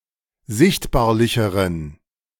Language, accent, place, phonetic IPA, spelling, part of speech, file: German, Germany, Berlin, [ˈzɪçtbaːɐ̯lɪçəʁən], sichtbarlicheren, adjective, De-sichtbarlicheren.ogg
- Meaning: inflection of sichtbarlich: 1. strong genitive masculine/neuter singular comparative degree 2. weak/mixed genitive/dative all-gender singular comparative degree